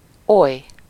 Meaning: such
- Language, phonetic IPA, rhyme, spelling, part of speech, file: Hungarian, [ˈoj], -oj, oly, pronoun, Hu-oly.ogg